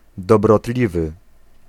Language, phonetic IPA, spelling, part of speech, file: Polish, [ˌdɔbrɔˈtlʲivɨ], dobrotliwy, adjective, Pl-dobrotliwy.ogg